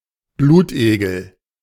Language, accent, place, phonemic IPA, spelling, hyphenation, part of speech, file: German, Germany, Berlin, /ˈbluːtˌʔeːɡl̩/, Blutegel, Blut‧egel, noun, De-Blutegel.ogg
- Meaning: leech